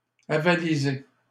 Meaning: 1. to back; to support 2. to endorse
- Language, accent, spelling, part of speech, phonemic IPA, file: French, Canada, avaliser, verb, /a.va.li.ze/, LL-Q150 (fra)-avaliser.wav